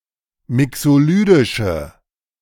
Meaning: inflection of mixolydisch: 1. strong/mixed nominative/accusative feminine singular 2. strong nominative/accusative plural 3. weak nominative all-gender singular
- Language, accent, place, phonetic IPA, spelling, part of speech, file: German, Germany, Berlin, [ˈmɪksoˌlyːdɪʃə], mixolydische, adjective, De-mixolydische.ogg